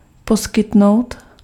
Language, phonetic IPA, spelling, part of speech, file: Czech, [ˈposkɪtnou̯t], poskytnout, verb, Cs-poskytnout.ogg
- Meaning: to provide (to give what is needed or desired)